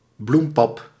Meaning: a porridge made of flour and milk
- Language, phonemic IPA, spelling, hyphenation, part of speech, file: Dutch, /ˈblum.pɑp/, bloempap, bloem‧pap, noun, Nl-bloempap.ogg